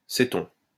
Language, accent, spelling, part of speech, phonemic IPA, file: French, France, séton, noun, /se.tɔ̃/, LL-Q150 (fra)-séton.wav
- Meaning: seton